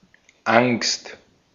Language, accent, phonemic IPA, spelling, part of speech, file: German, Austria, /aŋst/, Angst, noun, De-at-Angst.ogg
- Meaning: fear; fright; anxiety